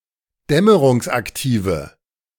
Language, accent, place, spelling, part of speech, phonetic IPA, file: German, Germany, Berlin, dämmerungsaktive, adjective, [ˈdɛməʁʊŋsʔakˌtiːvə], De-dämmerungsaktive.ogg
- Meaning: inflection of dämmerungsaktiv: 1. strong/mixed nominative/accusative feminine singular 2. strong nominative/accusative plural 3. weak nominative all-gender singular